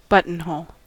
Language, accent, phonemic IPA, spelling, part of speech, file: English, US, /ˈbʌtənˌhoʊl/, buttonhole, noun / verb, En-us-buttonhole.ogg
- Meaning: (noun) 1. A hole through which a button is pushed to secure a garment or some part of one 2. A flower worn in a buttonhole for decoration